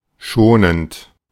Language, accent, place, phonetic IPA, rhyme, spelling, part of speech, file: German, Germany, Berlin, [ˈʃoːnənt], -oːnənt, schonend, adjective / verb, De-schonend.ogg
- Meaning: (verb) present participle of schonen; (adjective) 1. gentle, mild 2. considerate 3. indulgent